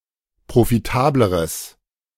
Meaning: strong/mixed nominative/accusative neuter singular comparative degree of profitabel
- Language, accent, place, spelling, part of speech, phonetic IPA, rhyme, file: German, Germany, Berlin, profitableres, adjective, [pʁofiˈtaːbləʁəs], -aːbləʁəs, De-profitableres.ogg